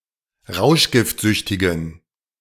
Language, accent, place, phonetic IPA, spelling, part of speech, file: German, Germany, Berlin, [ˈʁaʊ̯ʃɡɪftˌzʏçtɪɡn̩], rauschgiftsüchtigen, adjective, De-rauschgiftsüchtigen.ogg
- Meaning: inflection of rauschgiftsüchtig: 1. strong genitive masculine/neuter singular 2. weak/mixed genitive/dative all-gender singular 3. strong/weak/mixed accusative masculine singular